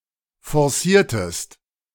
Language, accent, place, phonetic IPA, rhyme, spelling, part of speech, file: German, Germany, Berlin, [fɔʁˈsiːɐ̯təst], -iːɐ̯təst, forciertest, verb, De-forciertest.ogg
- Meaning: inflection of forcieren: 1. second-person singular preterite 2. second-person singular subjunctive II